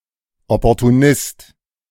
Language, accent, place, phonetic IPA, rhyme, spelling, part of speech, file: German, Germany, Berlin, [ˌɔpɔʁtuˈnɪst], -ɪst, Opportunist, noun, De-Opportunist.ogg
- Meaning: opportunist (male or of unspecified gender)